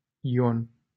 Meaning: a male given name from Hebrew, equivalent to English John
- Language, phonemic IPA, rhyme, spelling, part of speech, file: Romanian, /iˈon/, -on, Ion, proper noun, LL-Q7913 (ron)-Ion.wav